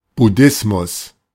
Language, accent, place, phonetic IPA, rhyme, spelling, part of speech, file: German, Germany, Berlin, [bʊˈdɪsmʊs], -ɪsmʊs, Buddhismus, noun, De-Buddhismus.ogg
- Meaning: buddhism